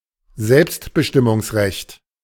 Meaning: right to self-determination
- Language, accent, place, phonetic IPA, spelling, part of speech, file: German, Germany, Berlin, [ˈzɛlpstbəʃtɪmʊŋsˌʁɛçt], Selbstbestimmungsrecht, noun, De-Selbstbestimmungsrecht.ogg